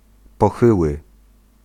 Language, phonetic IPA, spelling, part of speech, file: Polish, [pɔˈxɨwɨ], pochyły, adjective, Pl-pochyły.ogg